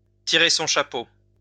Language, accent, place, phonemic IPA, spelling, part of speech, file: French, France, Lyon, /ti.ʁe sɔ̃ ʃa.po/, tirer son chapeau, verb, LL-Q150 (fra)-tirer son chapeau.wav
- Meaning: to tip one's hat, to take one's hat off